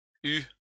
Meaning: 1. first/second-person singular past historic of avoir 2. masculine plural of eu
- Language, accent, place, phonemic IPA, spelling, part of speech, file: French, France, Lyon, /y/, eus, verb, LL-Q150 (fra)-eus.wav